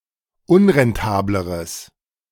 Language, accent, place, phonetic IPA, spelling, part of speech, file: German, Germany, Berlin, [ˈʊnʁɛnˌtaːbləʁəs], unrentableres, adjective, De-unrentableres.ogg
- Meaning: strong/mixed nominative/accusative neuter singular comparative degree of unrentabel